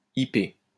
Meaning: 1. ipe (tropical tree) 2. ipe (wood)
- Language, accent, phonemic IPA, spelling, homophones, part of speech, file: French, France, /i.pe/, ipé, IP, noun, LL-Q150 (fra)-ipé.wav